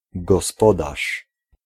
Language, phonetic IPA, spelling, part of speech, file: Polish, [ɡɔsˈpɔdaʃ], gospodarz, noun / verb, Pl-gospodarz.ogg